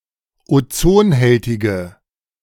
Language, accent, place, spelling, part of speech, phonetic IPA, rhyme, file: German, Germany, Berlin, ozonhältige, adjective, [oˈt͡soːnˌhɛltɪɡə], -oːnhɛltɪɡə, De-ozonhältige.ogg
- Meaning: inflection of ozonhältig: 1. strong/mixed nominative/accusative feminine singular 2. strong nominative/accusative plural 3. weak nominative all-gender singular